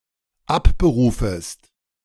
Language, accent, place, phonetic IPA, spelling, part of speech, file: German, Germany, Berlin, [ˈapbəˌʁuːfəst], abberufest, verb, De-abberufest.ogg
- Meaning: second-person singular dependent subjunctive I of abberufen